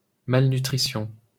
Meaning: malnutrition
- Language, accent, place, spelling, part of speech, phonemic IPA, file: French, France, Paris, malnutrition, noun, /mal.ny.tʁi.sjɔ̃/, LL-Q150 (fra)-malnutrition.wav